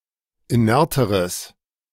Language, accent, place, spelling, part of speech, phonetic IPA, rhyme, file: German, Germany, Berlin, inerteres, adjective, [iˈnɛʁtəʁəs], -ɛʁtəʁəs, De-inerteres.ogg
- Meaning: strong/mixed nominative/accusative neuter singular comparative degree of inert